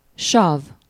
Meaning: acid
- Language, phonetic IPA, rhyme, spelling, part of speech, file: Hungarian, [ˈʃɒv], -ɒv, sav, noun, Hu-sav.ogg